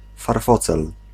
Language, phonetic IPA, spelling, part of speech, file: Polish, [farˈfɔt͡sɛl], farfocel, noun, Pl-farfocel.ogg